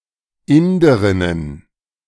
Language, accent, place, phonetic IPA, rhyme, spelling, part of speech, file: German, Germany, Berlin, [ˈɪndəʁɪnən], -ɪndəʁɪnən, Inderinnen, noun, De-Inderinnen.ogg
- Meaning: plural of Inderin